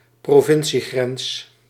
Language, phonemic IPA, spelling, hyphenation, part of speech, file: Dutch, /proːˈvɪn.siˌɣrɛns/, provinciegrens, pro‧vin‧cie‧grens, noun, Nl-provinciegrens.ogg
- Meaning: provincial border